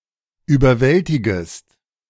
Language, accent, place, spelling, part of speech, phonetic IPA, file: German, Germany, Berlin, überwältigest, verb, [yːbɐˈvɛltɪɡəst], De-überwältigest.ogg
- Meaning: second-person singular subjunctive I of überwältigen